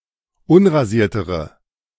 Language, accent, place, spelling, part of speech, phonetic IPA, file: German, Germany, Berlin, unrasiertere, adjective, [ˈʊnʁaˌziːɐ̯təʁə], De-unrasiertere.ogg
- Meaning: inflection of unrasiert: 1. strong/mixed nominative/accusative feminine singular comparative degree 2. strong nominative/accusative plural comparative degree